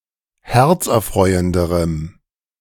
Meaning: strong dative masculine/neuter singular comparative degree of herzerfreuend
- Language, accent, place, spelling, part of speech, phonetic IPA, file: German, Germany, Berlin, herzerfreuenderem, adjective, [ˈhɛʁt͡sʔɛɐ̯ˌfʁɔɪ̯əndəʁəm], De-herzerfreuenderem.ogg